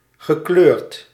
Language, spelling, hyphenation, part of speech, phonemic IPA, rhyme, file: Dutch, gekleurd, ge‧kleurd, verb / adjective, /ɣəˈkløːrt/, -øːrt, Nl-gekleurd.ogg
- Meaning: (verb) past participle of kleuren; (adjective) 1. having a nonwhite skin color 2. not neutral, subjective